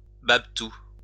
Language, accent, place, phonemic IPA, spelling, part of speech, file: French, France, Lyon, /bab.tu/, babtou, noun, LL-Q150 (fra)-babtou.wav
- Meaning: alternative form of toubab (“white person”)